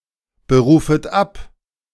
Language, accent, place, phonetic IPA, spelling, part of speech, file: German, Germany, Berlin, [bəˌʁuːfət ˈap], berufet ab, verb, De-berufet ab.ogg
- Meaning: second-person plural subjunctive I of abberufen